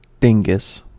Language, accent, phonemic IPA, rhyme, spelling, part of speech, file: English, US, /ˈdɪŋɡəs/, -ɪŋɡəs, dingus, noun, En-us-dingus.ogg
- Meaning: 1. A gadget, device, or object whose name is either unknown, forgotten, or omitted for the purpose of humor 2. A foolish, incompetent, or silly person 3. The penis